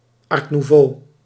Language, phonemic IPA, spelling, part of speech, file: Dutch, /ˌɑr nuˈvoː/, art nouveau, noun, Nl-art nouveau.ogg
- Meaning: art nouveau, jugendstil